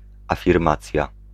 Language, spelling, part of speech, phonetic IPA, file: Polish, afirmacja, noun, [ˌafʲirˈmat͡sʲja], Pl-afirmacja.ogg